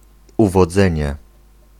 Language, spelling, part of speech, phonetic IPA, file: Polish, uwodzenie, noun, [ˌuvɔˈd͡zɛ̃ɲɛ], Pl-uwodzenie.ogg